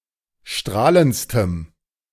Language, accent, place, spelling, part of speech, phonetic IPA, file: German, Germany, Berlin, strahlendstem, adjective, [ˈʃtʁaːlənt͡stəm], De-strahlendstem.ogg
- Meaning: strong dative masculine/neuter singular superlative degree of strahlend